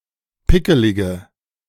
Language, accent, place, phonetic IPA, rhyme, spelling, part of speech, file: German, Germany, Berlin, [ˈpɪkəlɪɡə], -ɪkəlɪɡə, pickelige, adjective, De-pickelige.ogg
- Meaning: inflection of pickelig: 1. strong/mixed nominative/accusative feminine singular 2. strong nominative/accusative plural 3. weak nominative all-gender singular